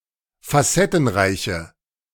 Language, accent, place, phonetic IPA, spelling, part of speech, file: German, Germany, Berlin, [faˈsɛtn̩ˌʁaɪ̯çə], facettenreiche, adjective, De-facettenreiche.ogg
- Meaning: inflection of facettenreich: 1. strong/mixed nominative/accusative feminine singular 2. strong nominative/accusative plural 3. weak nominative all-gender singular